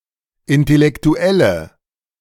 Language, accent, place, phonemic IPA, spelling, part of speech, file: German, Germany, Berlin, /ɪntelɛktuˈɛlə/, Intellektuelle, noun, De-Intellektuelle.ogg
- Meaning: intellectual (intelligent person, interested in intellectual matters)